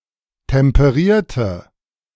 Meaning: inflection of temperieren: 1. first/third-person singular preterite 2. first/third-person singular subjunctive II
- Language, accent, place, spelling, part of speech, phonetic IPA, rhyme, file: German, Germany, Berlin, temperierte, adjective / verb, [tɛmpəˈʁiːɐ̯tə], -iːɐ̯tə, De-temperierte.ogg